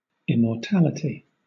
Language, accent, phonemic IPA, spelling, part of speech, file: English, Southern England, /ˌɪmɔːˈtæləti/, immortality, noun, LL-Q1860 (eng)-immortality.wav
- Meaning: The condition of being immortal.: 1. Never dying 2. Being remembered forever